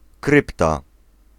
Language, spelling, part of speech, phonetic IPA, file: Polish, krypta, noun, [ˈkrɨpta], Pl-krypta.ogg